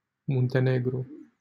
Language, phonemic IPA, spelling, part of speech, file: Romanian, /mun.teˈne.ɡru/, Muntenegru, proper noun, LL-Q7913 (ron)-Muntenegru.wav
- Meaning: Montenegro (a country on the Balkan Peninsula in Southeastern Europe)